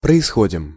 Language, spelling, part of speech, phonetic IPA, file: Russian, происходим, verb, [prəɪˈsxodʲɪm], Ru-происходим.ogg
- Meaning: first-person plural present indicative imperfective of происходи́ть (proisxodítʹ)